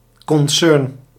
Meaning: company, business, concern
- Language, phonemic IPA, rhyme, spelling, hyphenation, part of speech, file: Dutch, /kɔnˈsʏrn/, -ʏrn, concern, con‧cern, noun, Nl-concern.ogg